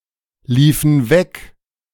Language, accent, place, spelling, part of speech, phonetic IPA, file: German, Germany, Berlin, liefen weg, verb, [ˌliːfn̩ ˈvɛk], De-liefen weg.ogg
- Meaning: inflection of weglaufen: 1. first/third-person plural preterite 2. first/third-person plural subjunctive II